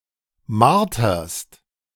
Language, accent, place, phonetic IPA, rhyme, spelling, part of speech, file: German, Germany, Berlin, [ˈmaʁtɐst], -aʁtɐst, marterst, verb, De-marterst.ogg
- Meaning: second-person singular present of martern